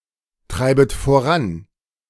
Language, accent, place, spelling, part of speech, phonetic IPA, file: German, Germany, Berlin, treibet voran, verb, [ˌtʁaɪ̯bət foˈʁan], De-treibet voran.ogg
- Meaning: second-person plural subjunctive I of vorantreiben